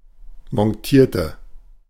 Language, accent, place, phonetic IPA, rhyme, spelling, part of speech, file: German, Germany, Berlin, [mɔnˈtiːɐ̯tə], -iːɐ̯tə, montierte, adjective / verb, De-montierte.ogg
- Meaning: inflection of montieren: 1. first/third-person singular preterite 2. first/third-person singular subjunctive II